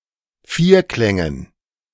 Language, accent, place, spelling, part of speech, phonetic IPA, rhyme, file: German, Germany, Berlin, Vierklängen, noun, [ˈfiːɐ̯ˌklɛŋən], -iːɐ̯klɛŋən, De-Vierklängen.ogg
- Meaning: dative plural of Vierklang